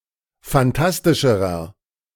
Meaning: inflection of fantastisch: 1. strong/mixed nominative masculine singular comparative degree 2. strong genitive/dative feminine singular comparative degree 3. strong genitive plural comparative degree
- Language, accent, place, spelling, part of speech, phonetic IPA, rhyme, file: German, Germany, Berlin, fantastischerer, adjective, [fanˈtastɪʃəʁɐ], -astɪʃəʁɐ, De-fantastischerer.ogg